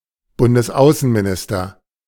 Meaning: federal foreign minister
- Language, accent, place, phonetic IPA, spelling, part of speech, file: German, Germany, Berlin, [ˌbʊndəsˈaʊ̯sənmiˌnɪstɐ], Bundesaußenminister, noun, De-Bundesaußenminister.ogg